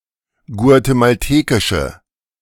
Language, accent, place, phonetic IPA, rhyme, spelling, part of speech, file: German, Germany, Berlin, [ɡu̯atemalˈteːkɪʃə], -eːkɪʃə, guatemaltekische, adjective, De-guatemaltekische.ogg
- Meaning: inflection of guatemaltekisch: 1. strong/mixed nominative/accusative feminine singular 2. strong nominative/accusative plural 3. weak nominative all-gender singular